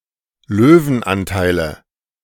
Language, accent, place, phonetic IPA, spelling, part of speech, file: German, Germany, Berlin, [ˈløːvn̩ˌʔantaɪ̯lə], Löwenanteile, noun, De-Löwenanteile.ogg
- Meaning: nominative/accusative/genitive plural of Löwenanteil